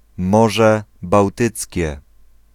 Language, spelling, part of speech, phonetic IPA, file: Polish, Morze Bałtyckie, proper noun, [ˈmɔʒɛ bawˈtɨt͡sʲcɛ], Pl-Morze Bałtyckie.ogg